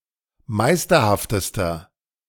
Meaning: inflection of meisterhaft: 1. strong/mixed nominative masculine singular superlative degree 2. strong genitive/dative feminine singular superlative degree 3. strong genitive plural superlative degree
- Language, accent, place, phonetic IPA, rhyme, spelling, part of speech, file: German, Germany, Berlin, [ˈmaɪ̯stɐhaftəstɐ], -aɪ̯stɐhaftəstɐ, meisterhaftester, adjective, De-meisterhaftester.ogg